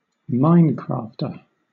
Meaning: A person who plays the game Minecraft
- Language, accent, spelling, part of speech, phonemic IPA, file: English, Southern England, Minecrafter, noun, /ˈmaɪnkɹɑːftə/, LL-Q1860 (eng)-Minecrafter.wav